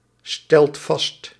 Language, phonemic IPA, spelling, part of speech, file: Dutch, /ˈstɛlt ˈvɑst/, stelt vast, verb, Nl-stelt vast.ogg
- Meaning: inflection of vaststellen: 1. second/third-person singular present indicative 2. plural imperative